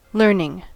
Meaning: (noun) 1. An act in which something is learned 2. Accumulated knowledge 3. Something that has been learned; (verb) present participle and gerund of learn
- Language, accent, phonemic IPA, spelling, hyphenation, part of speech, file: English, US, /ˈlɝnɪŋ/, learning, learn‧ing, noun / verb, En-us-learning.ogg